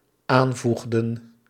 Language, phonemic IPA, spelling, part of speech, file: Dutch, /ˈaɱvuɣdə(n)/, aanvoegden, verb, Nl-aanvoegden.ogg
- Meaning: inflection of aanvoegen: 1. plural dependent-clause past indicative 2. plural dependent-clause past subjunctive